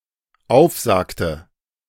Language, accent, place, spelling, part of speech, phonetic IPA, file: German, Germany, Berlin, aufsagte, verb, [ˈaʊ̯fˌzaːktə], De-aufsagte.ogg
- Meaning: inflection of aufsagen: 1. first/third-person singular dependent preterite 2. first/third-person singular dependent subjunctive II